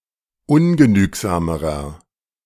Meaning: inflection of ungenügsam: 1. strong/mixed nominative masculine singular comparative degree 2. strong genitive/dative feminine singular comparative degree 3. strong genitive plural comparative degree
- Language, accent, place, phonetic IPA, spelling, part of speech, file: German, Germany, Berlin, [ˈʊnɡəˌnyːkzaːməʁɐ], ungenügsamerer, adjective, De-ungenügsamerer.ogg